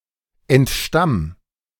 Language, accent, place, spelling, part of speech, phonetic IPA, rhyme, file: German, Germany, Berlin, entstamm, verb, [ɛntˈʃtam], -am, De-entstamm.ogg
- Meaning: 1. singular imperative of entstammen 2. first-person singular present of entstammen